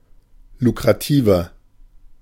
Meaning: 1. comparative degree of lukrativ 2. inflection of lukrativ: strong/mixed nominative masculine singular 3. inflection of lukrativ: strong genitive/dative feminine singular
- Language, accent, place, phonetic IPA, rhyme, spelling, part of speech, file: German, Germany, Berlin, [lukʁaˈtiːvɐ], -iːvɐ, lukrativer, adjective, De-lukrativer.ogg